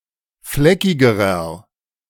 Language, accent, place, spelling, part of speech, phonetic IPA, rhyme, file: German, Germany, Berlin, fleckigerer, adjective, [ˈflɛkɪɡəʁɐ], -ɛkɪɡəʁɐ, De-fleckigerer.ogg
- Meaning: inflection of fleckig: 1. strong/mixed nominative masculine singular comparative degree 2. strong genitive/dative feminine singular comparative degree 3. strong genitive plural comparative degree